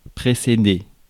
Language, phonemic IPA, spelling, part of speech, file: French, /pʁe.se.de/, précéder, verb, Fr-précéder.ogg
- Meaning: to precede